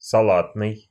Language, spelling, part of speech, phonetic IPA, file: Russian, салатный, adjective, [sɐˈɫatnɨj], Ru-салатный.ogg
- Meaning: 1. lime green 2. lettuce 3. salad